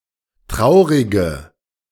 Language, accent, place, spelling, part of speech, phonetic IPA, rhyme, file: German, Germany, Berlin, traurige, adjective, [ˈtʁaʊ̯ʁɪɡə], -aʊ̯ʁɪɡə, De-traurige.ogg
- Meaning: inflection of traurig: 1. strong/mixed nominative/accusative feminine singular 2. strong nominative/accusative plural 3. weak nominative all-gender singular 4. weak accusative feminine/neuter singular